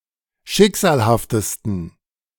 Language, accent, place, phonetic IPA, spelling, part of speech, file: German, Germany, Berlin, [ˈʃɪkz̥aːlhaftəstn̩], schicksalhaftesten, adjective, De-schicksalhaftesten.ogg
- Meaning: 1. superlative degree of schicksalhaft 2. inflection of schicksalhaft: strong genitive masculine/neuter singular superlative degree